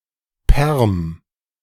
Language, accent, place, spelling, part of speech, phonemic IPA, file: German, Germany, Berlin, Perm, proper noun, /pɛʁm/, De-Perm.ogg
- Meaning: 1. Perm (a city, the administrative center of Perm Krai, Russia) 2. the Permian